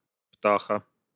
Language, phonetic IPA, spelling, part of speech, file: Russian, [ˈptaxə], птаха, noun, Ru-птаха.ogg
- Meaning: 1. small bird 2. genitive/accusative singular of птах (ptax)